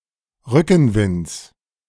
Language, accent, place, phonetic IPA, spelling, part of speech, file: German, Germany, Berlin, [ˈʁʏkn̩ˌvɪnt͡s], Rückenwinds, noun, De-Rückenwinds.ogg
- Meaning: genitive singular of Rückenwind